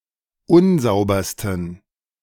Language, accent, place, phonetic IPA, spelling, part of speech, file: German, Germany, Berlin, [ˈʊnˌzaʊ̯bɐstn̩], unsaubersten, adjective, De-unsaubersten.ogg
- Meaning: 1. superlative degree of unsauber 2. inflection of unsauber: strong genitive masculine/neuter singular superlative degree